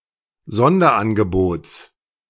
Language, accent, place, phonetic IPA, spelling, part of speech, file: German, Germany, Berlin, [ˈzɔndɐʔanɡəˌboːt͡s], Sonderangebots, noun, De-Sonderangebots.ogg
- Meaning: genitive singular of Sonderangebot